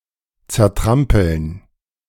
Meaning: to crush violently (especially underfoot), to trample
- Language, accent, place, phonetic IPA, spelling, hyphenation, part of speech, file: German, Germany, Berlin, [tsɛʁˈtʁampəln], zertrampeln, zer‧tram‧peln, verb, De-zertrampeln.ogg